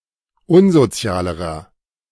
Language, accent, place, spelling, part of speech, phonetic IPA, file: German, Germany, Berlin, unsozialerer, adjective, [ˈʊnzoˌt͡si̯aːləʁɐ], De-unsozialerer.ogg
- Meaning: inflection of unsozial: 1. strong/mixed nominative masculine singular comparative degree 2. strong genitive/dative feminine singular comparative degree 3. strong genitive plural comparative degree